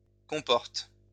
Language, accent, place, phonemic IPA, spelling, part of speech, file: French, France, Lyon, /kɔ̃.pɔʁt/, comporte, verb, LL-Q150 (fra)-comporte.wav
- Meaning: inflection of comporter: 1. first/third-person singular present indicative/subjunctive 2. second-person singular imperative